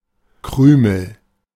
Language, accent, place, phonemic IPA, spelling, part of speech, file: German, Germany, Berlin, /ˈkʁʏməl/, Krümel, noun, De-Krümel.ogg
- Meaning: crumb (small broken-off piece, particularly of bread)